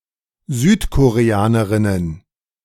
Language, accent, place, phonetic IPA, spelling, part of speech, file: German, Germany, Berlin, [ˈzyːtkoʁeˌaːnəʁɪnən], Südkoreanerinnen, noun, De-Südkoreanerinnen.ogg
- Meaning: plural of Südkoreanerin